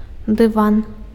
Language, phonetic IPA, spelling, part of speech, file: Belarusian, [dɨˈvan], дыван, noun, Be-дыван.ogg
- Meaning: carpet